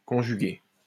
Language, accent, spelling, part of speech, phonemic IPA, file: French, France, conjuguée, verb, /kɔ̃.ʒy.ɡe/, LL-Q150 (fra)-conjuguée.wav
- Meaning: feminine singular of conjugué